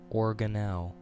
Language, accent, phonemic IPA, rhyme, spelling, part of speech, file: English, US, /ˌɔɹ.ɡənˈɛl/, -ɛl, organelle, noun, En-us-organelle.ogg
- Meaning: A specialized structure found inside cells that carries out a specific life process (e.g. ribosomes, vacuoles)